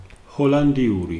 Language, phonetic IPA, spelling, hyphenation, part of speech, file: Georgian, [ho̞ɫändiuɾi], ჰოლანდიური, ჰო‧ლან‧დი‧უ‧რი, adjective / proper noun, Ka-ჰოლანდიური.ogg
- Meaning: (adjective) of the Netherlands; Dutch (for inanimate things and non-human animals); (proper noun) Dutch language